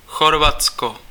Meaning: Croatia (a country on the Balkan Peninsula in Southeastern Europe)
- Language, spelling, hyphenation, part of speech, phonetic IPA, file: Czech, Chorvatsko, Chor‧vat‧sko, proper noun, [ˈxorvatsko], Cs-Chorvatsko.ogg